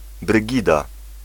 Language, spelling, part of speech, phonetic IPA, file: Polish, Brygida, proper noun, [brɨˈɟida], Pl-Brygida.ogg